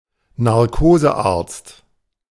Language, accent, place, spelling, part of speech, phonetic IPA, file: German, Germany, Berlin, Narkosearzt, noun, [naʁˈkoːzəˌʔaːɐ̯t͡st], De-Narkosearzt.ogg
- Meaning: anaesthetist